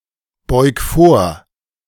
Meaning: 1. singular imperative of vorbeugen 2. first-person singular present of vorbeugen
- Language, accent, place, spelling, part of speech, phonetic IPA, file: German, Germany, Berlin, beug vor, verb, [ˌbɔɪ̯k ˈfoːɐ̯], De-beug vor.ogg